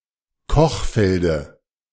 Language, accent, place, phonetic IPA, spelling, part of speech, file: German, Germany, Berlin, [ˈkɔxˌfɛldə], Kochfelde, noun, De-Kochfelde.ogg
- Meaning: dative singular of Kochfeld